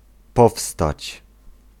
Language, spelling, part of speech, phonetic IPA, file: Polish, powstać, verb, [ˈpɔfstat͡ɕ], Pl-powstać.ogg